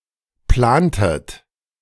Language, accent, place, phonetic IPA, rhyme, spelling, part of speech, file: German, Germany, Berlin, [ˈplaːntət], -aːntət, plantet, verb, De-plantet.ogg
- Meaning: inflection of planen: 1. second-person plural preterite 2. second-person plural subjunctive II